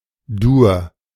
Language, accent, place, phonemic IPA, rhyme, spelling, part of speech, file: German, Germany, Berlin, /duːɐ̯/, -uːɐ̯, Dur, noun, De-Dur.ogg
- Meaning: major